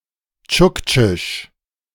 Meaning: Chukchi (the Chukchi language)
- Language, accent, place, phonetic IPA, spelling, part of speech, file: German, Germany, Berlin, [ˈt͡ʃʊkt͡ʃɪʃ], Tschuktschisch, noun, De-Tschuktschisch.ogg